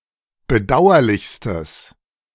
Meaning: strong/mixed nominative/accusative neuter singular superlative degree of bedauerlich
- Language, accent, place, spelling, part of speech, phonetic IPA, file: German, Germany, Berlin, bedauerlichstes, adjective, [bəˈdaʊ̯ɐlɪçstəs], De-bedauerlichstes.ogg